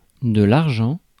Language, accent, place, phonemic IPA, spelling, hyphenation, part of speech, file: French, France, Paris, /aʁ.ʒɑ̃/, argent, ar‧gent, noun, Fr-argent.ogg
- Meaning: 1. silver 2. money, cash 3. argent (white in heraldry)